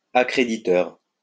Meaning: accrediting
- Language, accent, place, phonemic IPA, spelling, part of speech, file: French, France, Lyon, /a.kʁe.di.tœʁ/, accréditeur, adjective, LL-Q150 (fra)-accréditeur.wav